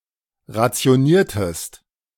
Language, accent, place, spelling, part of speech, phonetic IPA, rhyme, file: German, Germany, Berlin, rationiertest, verb, [ʁat͡si̯oˈniːɐ̯təst], -iːɐ̯təst, De-rationiertest.ogg
- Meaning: inflection of rationieren: 1. second-person singular preterite 2. second-person singular subjunctive II